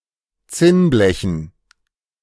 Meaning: dative plural of Zinnblech
- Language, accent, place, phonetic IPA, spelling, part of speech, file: German, Germany, Berlin, [ˈt͡sɪnˌblɛçn̩], Zinnblechen, noun, De-Zinnblechen.ogg